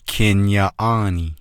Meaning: towering house people, towering house clan
- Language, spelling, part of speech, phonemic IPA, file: Navajo, kin yaaʼáanii, noun, /kʰɪ̀n jɑ̀ːʔɑ̂ːnìː/, Nv-kin yaaʼáanii.ogg